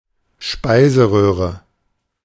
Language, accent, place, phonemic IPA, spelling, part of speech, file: German, Germany, Berlin, /ˈʃpaɪ̯zəˌʁøːʁə/, Speiseröhre, noun, De-Speiseröhre.ogg
- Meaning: oesophagus (tube that carries food from the pharynx to the stomach)